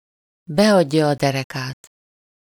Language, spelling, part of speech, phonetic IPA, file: Hungarian, beadja a derekát, verb, [ˈbɛɒɟːɒ ɒ ˈdɛrɛkaːt], Hu-beadja a derekát.ogg
- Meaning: to give in, to cave in, to knuckle under (to relent or yield under pressure to somebody else's will)